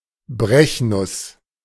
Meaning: strychnine tree (nux vomica (Strychnos nux-vomica, syn. Strychnos vomica, Strychnos spireana), a deciduous tree native to southeast Asia, a member of family Loganiaceae
- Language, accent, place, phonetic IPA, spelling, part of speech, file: German, Germany, Berlin, [ˈbʁɛçˌnʊs], Brechnuss, noun, De-Brechnuss.ogg